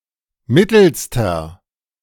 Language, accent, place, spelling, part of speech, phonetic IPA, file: German, Germany, Berlin, mittelster, adjective, [ˈmɪtl̩stɐ], De-mittelster.ogg
- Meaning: inflection of mittel: 1. strong/mixed nominative masculine singular superlative degree 2. strong genitive/dative feminine singular superlative degree 3. strong genitive plural superlative degree